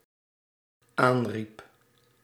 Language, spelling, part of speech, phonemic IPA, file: Dutch, aanriep, verb, /ˈanrip/, Nl-aanriep.ogg
- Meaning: singular dependent-clause past indicative of aanroepen